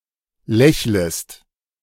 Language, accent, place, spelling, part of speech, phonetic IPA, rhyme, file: German, Germany, Berlin, lächlest, verb, [ˈlɛçləst], -ɛçləst, De-lächlest.ogg
- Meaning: second-person singular subjunctive I of lächeln